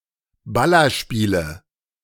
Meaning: nominative/accusative/genitive plural of Ballerspiel
- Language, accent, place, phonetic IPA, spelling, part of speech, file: German, Germany, Berlin, [ˈbalɐʃpiːlə], Ballerspiele, noun, De-Ballerspiele.ogg